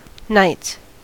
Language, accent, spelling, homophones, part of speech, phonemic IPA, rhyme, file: English, US, knights, nights, noun / verb, /naɪts/, -aɪts, En-us-knights.ogg
- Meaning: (noun) plural of knight; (verb) third-person singular simple present indicative of knight